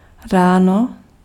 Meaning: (noun) early morning; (adverb) in the morning; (noun) vocative singular of rána
- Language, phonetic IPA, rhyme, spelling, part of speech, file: Czech, [ˈraːno], -aːno, ráno, noun / adverb, Cs-ráno.ogg